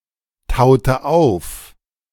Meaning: inflection of auftauen: 1. first/third-person singular preterite 2. first/third-person singular subjunctive II
- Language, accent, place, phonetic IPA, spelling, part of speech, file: German, Germany, Berlin, [ˌtaʊ̯tə ˈaʊ̯f], taute auf, verb, De-taute auf.ogg